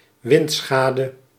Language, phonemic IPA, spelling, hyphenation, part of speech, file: Dutch, /ˈʋɪntˌsxaː.də/, windschade, wind‧scha‧de, noun, Nl-windschade.ogg
- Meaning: wind damage